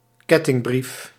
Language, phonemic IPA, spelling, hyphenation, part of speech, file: Dutch, /ˈkɛ.tɪŋˌbrif/, kettingbrief, ket‧ting‧brief, noun, Nl-kettingbrief.ogg
- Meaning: chain letter